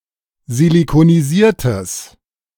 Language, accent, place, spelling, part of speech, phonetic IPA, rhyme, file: German, Germany, Berlin, silikonisiertes, adjective, [zilikoniˈziːɐ̯təs], -iːɐ̯təs, De-silikonisiertes.ogg
- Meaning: strong/mixed nominative/accusative neuter singular of silikonisiert